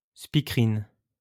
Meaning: female newscaster, television anchor
- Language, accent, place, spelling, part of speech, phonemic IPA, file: French, France, Lyon, speakerine, noun, /spi.kə.ʁin/, LL-Q150 (fra)-speakerine.wav